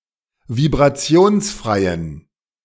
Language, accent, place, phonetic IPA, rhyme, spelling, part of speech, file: German, Germany, Berlin, [vibʁaˈt͡si̯oːnsˌfʁaɪ̯ən], -oːnsfʁaɪ̯ən, vibrationsfreien, adjective, De-vibrationsfreien.ogg
- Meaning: inflection of vibrationsfrei: 1. strong genitive masculine/neuter singular 2. weak/mixed genitive/dative all-gender singular 3. strong/weak/mixed accusative masculine singular 4. strong dative plural